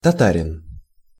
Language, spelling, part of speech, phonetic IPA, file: Russian, татарин, noun, [tɐˈtarʲɪn], Ru-татарин.ogg
- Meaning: Tatar person (male)